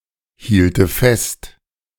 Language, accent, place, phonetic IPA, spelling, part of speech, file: German, Germany, Berlin, [ˌhiːltə ˈfɛst], hielte fest, verb, De-hielte fest.ogg
- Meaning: first/third-person singular subjunctive II of festhalten